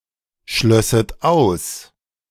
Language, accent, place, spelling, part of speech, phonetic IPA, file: German, Germany, Berlin, schlösset aus, verb, [ˌʃlœsət ˈaʊ̯s], De-schlösset aus.ogg
- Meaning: second-person plural subjunctive II of ausschließen